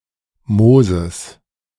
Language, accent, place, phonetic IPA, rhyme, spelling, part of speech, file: German, Germany, Berlin, [ˈmoːzəs], -oːzəs, Moses, proper noun / noun, De-Moses.ogg
- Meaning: Moses